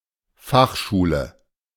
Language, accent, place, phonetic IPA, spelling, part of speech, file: German, Germany, Berlin, [ˈfaxˌʃuːlə], Fachschule, noun, De-Fachschule.ogg
- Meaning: specialised school